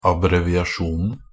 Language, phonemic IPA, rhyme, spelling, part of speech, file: Norwegian Bokmål, /abrɛʋɪaˈʃuːnn̩/, -uːnn̩, abbreviasjonen, noun, NB - Pronunciation of Norwegian Bokmål «abbreviasjonen».ogg
- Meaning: definite singular of abbreviasjon